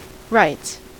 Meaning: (verb) third-person singular simple present indicative of write; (noun) plural of write
- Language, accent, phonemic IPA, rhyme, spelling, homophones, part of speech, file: English, US, /ɹaɪts/, -aɪts, writes, rights / rites / wrights, verb / noun, En-us-writes.ogg